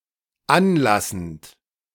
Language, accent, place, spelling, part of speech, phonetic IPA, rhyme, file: German, Germany, Berlin, anlassend, verb, [ˈanˌlasn̩t], -anlasn̩t, De-anlassend.ogg
- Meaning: present participle of anlassen